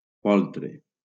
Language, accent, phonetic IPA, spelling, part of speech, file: Catalan, Valencia, [ˈpol.tɾe], poltre, noun, LL-Q7026 (cat)-poltre.wav
- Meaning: 1. colt; foal 2. stanchion 3. rack (torture device)